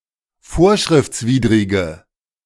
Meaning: inflection of vorschriftswidrig: 1. strong/mixed nominative/accusative feminine singular 2. strong nominative/accusative plural 3. weak nominative all-gender singular
- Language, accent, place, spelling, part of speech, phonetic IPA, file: German, Germany, Berlin, vorschriftswidrige, adjective, [ˈfoːɐ̯ʃʁɪft͡sˌviːdʁɪɡə], De-vorschriftswidrige.ogg